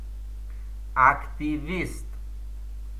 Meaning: activist, active worker
- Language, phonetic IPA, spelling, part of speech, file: Russian, [ɐktʲɪˈvʲist], активист, noun, Ru-активист.ogg